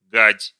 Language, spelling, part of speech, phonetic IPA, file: Russian, гадь, verb, [ɡatʲ], Ru-гадь.ogg
- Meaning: second-person singular imperative imperfective of га́дить (gáditʹ)